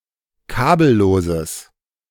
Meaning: strong/mixed nominative/accusative neuter singular of kabellos
- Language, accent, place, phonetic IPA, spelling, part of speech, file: German, Germany, Berlin, [ˈkaːbl̩ˌloːzəs], kabelloses, adjective, De-kabelloses.ogg